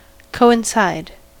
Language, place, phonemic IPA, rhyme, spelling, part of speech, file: English, California, /ˌkoʊɪnˈsaɪd/, -aɪd, coincide, verb, En-us-coincide.ogg
- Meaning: 1. To occupy exactly the same space 2. To occur at the same time 3. To correspond, concur, or agree